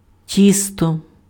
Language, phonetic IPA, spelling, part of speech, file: Ukrainian, [ˈtʲistɔ], тісто, noun, Uk-тісто.ogg
- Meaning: 1. dough 2. batter (beaten mixture of flour and liquid)